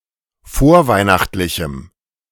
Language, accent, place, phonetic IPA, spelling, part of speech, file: German, Germany, Berlin, [ˈfoːɐ̯ˌvaɪ̯naxtlɪçm̩], vorweihnachtlichem, adjective, De-vorweihnachtlichem.ogg
- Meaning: strong dative masculine/neuter singular of vorweihnachtlich